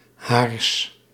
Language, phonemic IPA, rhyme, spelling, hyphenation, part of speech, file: Dutch, /ɦaːrs/, -aːrs, haars, haars, determiner / pronoun, Nl-haars.ogg
- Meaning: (determiner) genitive masculine/neuter of haar (“her”); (pronoun) genitive of zij (“she, they”)